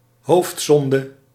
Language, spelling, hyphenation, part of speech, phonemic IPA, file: Dutch, hoofdzonde, hoofd‧zon‧de, noun, /ˈɦoːftˌzɔn.də/, Nl-hoofdzonde.ogg
- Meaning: deadly sin, cardinal sin